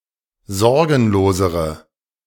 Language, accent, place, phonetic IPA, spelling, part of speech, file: German, Germany, Berlin, [ˈzɔʁɡn̩loːzəʁə], sorgenlosere, adjective, De-sorgenlosere.ogg
- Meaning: inflection of sorgenlos: 1. strong/mixed nominative/accusative feminine singular comparative degree 2. strong nominative/accusative plural comparative degree